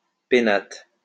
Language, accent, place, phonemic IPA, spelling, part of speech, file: French, France, Lyon, /pe.nat/, pénates, noun, LL-Q150 (fra)-pénates.wav
- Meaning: 1. household gods, penates 2. home